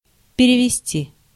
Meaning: 1. to lead, to convey, to transfer, to move, to shift, to transmit, to switch 2. to translate, to interpret 3. to remit (money)
- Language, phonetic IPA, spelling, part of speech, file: Russian, [pʲɪrʲɪvʲɪˈsʲtʲi], перевести, verb, Ru-перевести.ogg